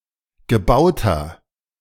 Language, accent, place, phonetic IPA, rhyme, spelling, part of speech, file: German, Germany, Berlin, [ɡəˈbaʊ̯tɐ], -aʊ̯tɐ, gebauter, adjective, De-gebauter.ogg
- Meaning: inflection of gebaut: 1. strong/mixed nominative masculine singular 2. strong genitive/dative feminine singular 3. strong genitive plural